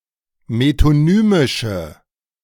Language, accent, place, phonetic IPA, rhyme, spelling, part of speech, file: German, Germany, Berlin, [metoˈnyːmɪʃə], -yːmɪʃə, metonymische, adjective, De-metonymische.ogg
- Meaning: inflection of metonymisch: 1. strong/mixed nominative/accusative feminine singular 2. strong nominative/accusative plural 3. weak nominative all-gender singular